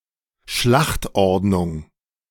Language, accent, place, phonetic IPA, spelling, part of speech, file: German, Germany, Berlin, [ˈʃlaxtˌʔɔʁdnʊŋ], Schlachtordnung, noun, De-Schlachtordnung.ogg
- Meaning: order of battle